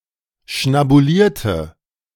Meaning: inflection of schnabulieren: 1. first/third-person singular preterite 2. first/third-person singular subjunctive II
- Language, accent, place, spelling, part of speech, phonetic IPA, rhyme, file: German, Germany, Berlin, schnabulierte, adjective / verb, [ʃnabuˈliːɐ̯tə], -iːɐ̯tə, De-schnabulierte.ogg